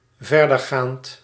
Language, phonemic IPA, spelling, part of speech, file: Dutch, /ˈvɛrdərˌgant/, verdergaand, verb / adjective, Nl-verdergaand.ogg
- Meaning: comparative degree of vergaand